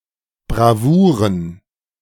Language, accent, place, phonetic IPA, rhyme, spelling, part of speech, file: German, Germany, Berlin, [bʁaˈvuːʁən], -uːʁən, Bravouren, noun, De-Bravouren.ogg
- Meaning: plural of Bravour